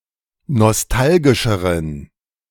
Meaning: inflection of nostalgisch: 1. strong genitive masculine/neuter singular comparative degree 2. weak/mixed genitive/dative all-gender singular comparative degree
- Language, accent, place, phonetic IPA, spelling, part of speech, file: German, Germany, Berlin, [nɔsˈtalɡɪʃəʁən], nostalgischeren, adjective, De-nostalgischeren.ogg